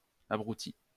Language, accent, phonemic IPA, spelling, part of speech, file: French, France, /a.bʁu.ti/, abrouti, verb, LL-Q150 (fra)-abrouti.wav
- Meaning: past participle of abroutir